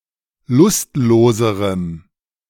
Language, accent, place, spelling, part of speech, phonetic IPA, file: German, Germany, Berlin, lustloserem, adjective, [ˈlʊstˌloːzəʁəm], De-lustloserem.ogg
- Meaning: strong dative masculine/neuter singular comparative degree of lustlos